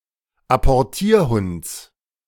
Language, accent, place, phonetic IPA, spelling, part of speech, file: German, Germany, Berlin, [apɔʁˈtiːɐ̯ˌhʊnt͡s], Apportierhunds, noun, De-Apportierhunds.ogg
- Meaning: genitive singular of Apportierhund